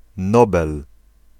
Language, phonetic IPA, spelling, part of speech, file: Polish, [ˈnɔbɛl], Nobel, noun, Pl-Nobel.ogg